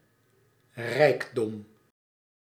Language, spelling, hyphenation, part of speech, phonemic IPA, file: Dutch, rijkdom, rijk‧dom, noun, /ˈrɛi̯k.dɔm/, Nl-rijkdom.ogg
- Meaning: 1. wealth 2. prosperity